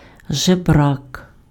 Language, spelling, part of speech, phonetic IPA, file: Ukrainian, жебрак, noun, [ʒeˈbrak], Uk-жебрак.ogg
- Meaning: beggar, mendicant